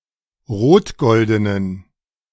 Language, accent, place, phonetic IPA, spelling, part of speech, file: German, Germany, Berlin, [ˈʁoːtˌɡɔldənən], rotgoldenen, adjective, De-rotgoldenen.ogg
- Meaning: inflection of rotgolden: 1. strong genitive masculine/neuter singular 2. weak/mixed genitive/dative all-gender singular 3. strong/weak/mixed accusative masculine singular 4. strong dative plural